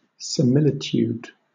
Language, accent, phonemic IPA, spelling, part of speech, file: English, Southern England, /sɪˈmɪlɪtjuːd/, similitude, noun, LL-Q1860 (eng)-similitude.wav
- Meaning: 1. Similarity or resemblance to something else 2. A way in which two people or things share similitude 3. Someone or something that closely resembles another; a duplicate or twin